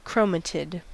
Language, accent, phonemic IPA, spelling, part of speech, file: English, US, /ˈkɹəʊmətɪd/, chromatid, noun, En-us-chromatid.ogg
- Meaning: After DNA replication, either of the two connected double-helix strands of a metaphase chromosome that separate during mitosis